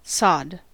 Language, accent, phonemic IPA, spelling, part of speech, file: English, US, /sɑd/, sod, noun / verb / interjection / adjective, En-us-sod.ogg
- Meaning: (noun) 1. The stratum of the surface of the soil which is filled with the roots of grass, or any portion of that surface; turf; sward 2. Turf grown and cut specifically for the establishment of lawns